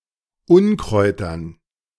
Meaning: dative plural of Unkraut
- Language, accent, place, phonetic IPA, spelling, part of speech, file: German, Germany, Berlin, [ˈʊnkʁɔɪ̯tɐn], Unkräutern, noun, De-Unkräutern.ogg